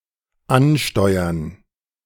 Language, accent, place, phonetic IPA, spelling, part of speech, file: German, Germany, Berlin, [ˈʔanˌʃtɔʏɐn], ansteuern, verb, De-ansteuern.ogg
- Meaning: to head for, make for, strive for